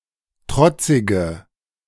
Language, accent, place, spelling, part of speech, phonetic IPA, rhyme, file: German, Germany, Berlin, trotzige, adjective, [ˈtʁɔt͡sɪɡə], -ɔt͡sɪɡə, De-trotzige.ogg
- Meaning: inflection of trotzig: 1. strong/mixed nominative/accusative feminine singular 2. strong nominative/accusative plural 3. weak nominative all-gender singular 4. weak accusative feminine/neuter singular